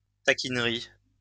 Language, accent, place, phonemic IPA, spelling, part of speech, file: French, France, Lyon, /ta.kin.ʁi/, taquinerie, noun, LL-Q150 (fra)-taquinerie.wav
- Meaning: teasing